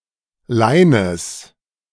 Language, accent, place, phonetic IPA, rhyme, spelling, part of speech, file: German, Germany, Berlin, [ˈlaɪ̯nəs], -aɪ̯nəs, Leines, noun, De-Leines.ogg
- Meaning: genitive singular of Lein